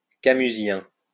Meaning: Camusian
- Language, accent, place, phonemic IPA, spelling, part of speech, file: French, France, Lyon, /ka.my.zjɛ̃/, camusien, adjective, LL-Q150 (fra)-camusien.wav